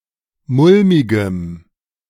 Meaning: strong dative masculine/neuter singular of mulmig
- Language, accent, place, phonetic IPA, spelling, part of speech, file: German, Germany, Berlin, [ˈmʊlmɪɡəm], mulmigem, adjective, De-mulmigem.ogg